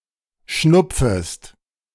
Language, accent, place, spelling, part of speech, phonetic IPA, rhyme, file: German, Germany, Berlin, schnupfest, verb, [ˈʃnʊp͡fəst], -ʊp͡fəst, De-schnupfest.ogg
- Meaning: second-person singular subjunctive I of schnupfen